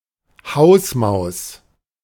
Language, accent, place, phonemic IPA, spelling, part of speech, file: German, Germany, Berlin, /ˈhaʊ̯smaʊ̯s/, Hausmaus, noun, De-Hausmaus.ogg
- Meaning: house mouse